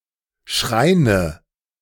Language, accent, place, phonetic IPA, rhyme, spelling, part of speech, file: German, Germany, Berlin, [ˈʃʁaɪ̯nə], -aɪ̯nə, Schreine, noun, De-Schreine.ogg
- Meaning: nominative/accusative/genitive plural of Schrein